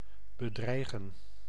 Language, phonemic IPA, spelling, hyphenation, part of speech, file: Dutch, /bəˈdrɛi̯ɣə(n)/, bedreigen, be‧drei‧gen, verb, Nl-bedreigen.ogg
- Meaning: 1. to threaten (to pose a risk to) 2. to threaten (to express a threat to)